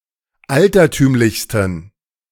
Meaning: 1. superlative degree of altertümlich 2. inflection of altertümlich: strong genitive masculine/neuter singular superlative degree
- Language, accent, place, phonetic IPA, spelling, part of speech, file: German, Germany, Berlin, [ˈaltɐˌtyːmlɪçstn̩], altertümlichsten, adjective, De-altertümlichsten.ogg